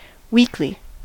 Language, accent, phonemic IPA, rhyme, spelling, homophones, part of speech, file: English, US, /ˈwiːk.li/, -iːkli, weekly, weakly, adverb / adjective / noun, En-us-weekly.ogg
- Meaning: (adverb) 1. Once every week 2. Every week; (adjective) 1. Of or relating to a week 2. Happening once a week, or every week; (noun) A publication that is published once a week